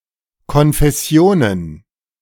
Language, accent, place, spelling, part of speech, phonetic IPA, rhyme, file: German, Germany, Berlin, Konfessionen, noun, [kɔnfɛˈsi̯oːnən], -oːnən, De-Konfessionen.ogg
- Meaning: plural of Konfession